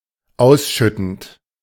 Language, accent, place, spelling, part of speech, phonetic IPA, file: German, Germany, Berlin, ausschüttend, verb, [ˈaʊ̯sˌʃʏtn̩t], De-ausschüttend.ogg
- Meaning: present participle of ausschütten